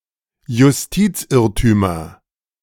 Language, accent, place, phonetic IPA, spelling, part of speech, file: German, Germany, Berlin, [jʊsˈtiːt͡sˌʔɪʁtyːmɐ], Justizirrtümer, noun, De-Justizirrtümer.ogg
- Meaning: nominative/accusative/genitive plural of Justizirrtum